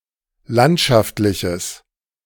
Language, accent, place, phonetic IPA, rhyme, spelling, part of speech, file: German, Germany, Berlin, [ˈlantʃaftlɪçəs], -antʃaftlɪçəs, landschaftliches, adjective, De-landschaftliches.ogg
- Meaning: strong/mixed nominative/accusative neuter singular of landschaftlich